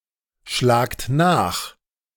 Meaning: inflection of nachschlagen: 1. second-person plural present 2. plural imperative
- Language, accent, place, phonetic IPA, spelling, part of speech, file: German, Germany, Berlin, [ˌʃlaːkt ˈnaːx], schlagt nach, verb, De-schlagt nach.ogg